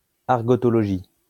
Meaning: study of argot
- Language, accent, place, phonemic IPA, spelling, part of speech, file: French, France, Lyon, /aʁ.ɡɔ.tɔ.lɔ.ʒi/, argotologie, noun, LL-Q150 (fra)-argotologie.wav